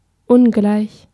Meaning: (adjective) 1. dissimilar, different 2. unequal; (adverb) unequally
- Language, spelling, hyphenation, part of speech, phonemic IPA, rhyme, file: German, ungleich, un‧gleich, adjective / adverb, /ˈʊnɡlaɪ̯ç/, -aɪ̯ç, De-ungleich.ogg